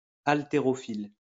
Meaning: weightlifter
- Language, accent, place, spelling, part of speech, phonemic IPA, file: French, France, Lyon, haltérophile, noun, /al.te.ʁɔ.fil/, LL-Q150 (fra)-haltérophile.wav